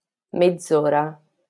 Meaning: half an hour, half-hour
- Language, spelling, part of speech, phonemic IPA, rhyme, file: Italian, mezz'ora, noun, /medˈd͡z‿o.ra/, -ora, LL-Q652 (ita)-mezz'ora.wav